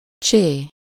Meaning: The name of the Latin script letter Cs/cs
- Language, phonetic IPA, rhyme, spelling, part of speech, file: Hungarian, [ˈt͡ʃeː], -t͡ʃeː, csé, noun, Hu-csé.ogg